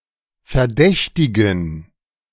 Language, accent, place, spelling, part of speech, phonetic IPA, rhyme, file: German, Germany, Berlin, verdächtigen, verb / adjective, [fɛɐ̯ˈdɛçtɪɡn̩], -ɛçtɪɡn̩, De-verdächtigen.ogg
- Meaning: to suspect